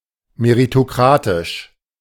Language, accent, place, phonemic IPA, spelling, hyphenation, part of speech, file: German, Germany, Berlin, /meʁitoˈkʁaːtɪʃ/, meritokratisch, me‧ri‧to‧kra‧tisch, adjective, De-meritokratisch.ogg
- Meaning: meritocratic